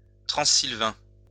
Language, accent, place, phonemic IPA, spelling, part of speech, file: French, France, Lyon, /tʁɑ̃.zil.vɛ̃/, transylvain, adjective, LL-Q150 (fra)-transylvain.wav
- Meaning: Transylvanian